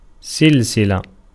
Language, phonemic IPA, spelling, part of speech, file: Arabic, /sil.si.la/, سلسلة, noun, Ar-سلسلة.ogg
- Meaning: 1. iron chain 2. chain 3. a kind of rope or cord 4. series